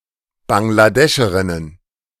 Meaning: plural of Bangladescherin
- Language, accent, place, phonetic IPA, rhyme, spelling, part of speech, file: German, Germany, Berlin, [baŋɡlaˈdɛʃəʁɪnən], -ɛʃəʁɪnən, Bangladescherinnen, noun, De-Bangladescherinnen.ogg